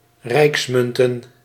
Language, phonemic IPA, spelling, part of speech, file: Dutch, /ˈrɛiksmʏntə(n)/, rijksmunten, noun, Nl-rijksmunten.ogg
- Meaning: plural of rijksmunt